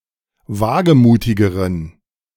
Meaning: inflection of wagemutig: 1. strong genitive masculine/neuter singular comparative degree 2. weak/mixed genitive/dative all-gender singular comparative degree
- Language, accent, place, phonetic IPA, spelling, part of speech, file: German, Germany, Berlin, [ˈvaːɡəˌmuːtɪɡəʁən], wagemutigeren, adjective, De-wagemutigeren.ogg